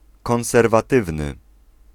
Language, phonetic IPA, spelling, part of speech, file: Polish, [ˌkɔ̃w̃sɛrvaˈtɨvnɨ], konserwatywny, adjective, Pl-konserwatywny.ogg